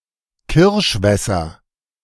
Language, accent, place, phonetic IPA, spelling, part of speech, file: German, Germany, Berlin, [ˈkɪʁʃˌvɛsɐ], Kirschwässer, noun, De-Kirschwässer.ogg
- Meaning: nominative/accusative/genitive plural of Kirschwasser